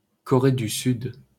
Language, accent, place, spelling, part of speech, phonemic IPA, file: French, France, Paris, Corée du Sud, proper noun, /kɔ.ʁe dy syd/, LL-Q150 (fra)-Corée du Sud.wav
- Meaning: South Korea (a country in East Asia, comprising the southern part of the Korean Peninsula)